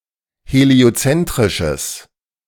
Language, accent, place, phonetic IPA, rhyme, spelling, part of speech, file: German, Germany, Berlin, [heli̯oˈt͡sɛntʁɪʃəs], -ɛntʁɪʃəs, heliozentrisches, adjective, De-heliozentrisches.ogg
- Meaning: strong/mixed nominative/accusative neuter singular of heliozentrisch